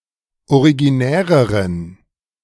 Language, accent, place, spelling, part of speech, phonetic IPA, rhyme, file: German, Germany, Berlin, originäreren, adjective, [oʁiɡiˈnɛːʁəʁən], -ɛːʁəʁən, De-originäreren.ogg
- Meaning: inflection of originär: 1. strong genitive masculine/neuter singular comparative degree 2. weak/mixed genitive/dative all-gender singular comparative degree